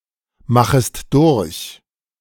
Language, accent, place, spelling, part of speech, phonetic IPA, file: German, Germany, Berlin, machest durch, verb, [ˌmaxəst ˈdʊʁç], De-machest durch.ogg
- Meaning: second-person singular subjunctive I of durchmachen